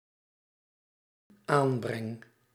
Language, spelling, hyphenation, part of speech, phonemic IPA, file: Dutch, aanbreng, aan‧breng, noun / verb, /ˈaːn.brɛŋ/, Nl-aanbreng.ogg
- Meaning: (noun) input; what is brought along, what is added to the table/game/mix; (verb) first-person singular dependent-clause present indicative of aanbrengen